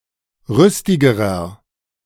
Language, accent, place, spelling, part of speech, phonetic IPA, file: German, Germany, Berlin, rüstigerer, adjective, [ˈʁʏstɪɡəʁɐ], De-rüstigerer.ogg
- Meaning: inflection of rüstig: 1. strong/mixed nominative masculine singular comparative degree 2. strong genitive/dative feminine singular comparative degree 3. strong genitive plural comparative degree